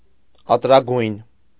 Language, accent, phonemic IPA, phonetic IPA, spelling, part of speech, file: Armenian, Eastern Armenian, /ɑtɾɑˈɡujn/, [ɑtɾɑɡújn], ատրագույն, adjective, Hy-ատրագույն.ogg
- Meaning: of fiery colour